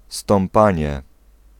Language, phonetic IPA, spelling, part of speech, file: Polish, [stɔ̃mˈpãɲɛ], stąpanie, noun, Pl-stąpanie.ogg